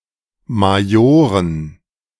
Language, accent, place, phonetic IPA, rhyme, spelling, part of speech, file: German, Germany, Berlin, [maˈjoːʁən], -oːʁən, Majoren, noun, De-Majoren.ogg
- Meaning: dative plural of Major